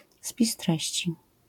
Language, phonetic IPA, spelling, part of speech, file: Polish, [ˈspʲis ˈtrɛɕt͡ɕi], spis treści, noun, LL-Q809 (pol)-spis treści.wav